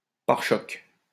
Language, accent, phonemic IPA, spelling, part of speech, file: French, France, /paʁ.ʃɔk/, pare-choc, noun, LL-Q150 (fra)-pare-choc.wav
- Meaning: bumper (UK), fender (US)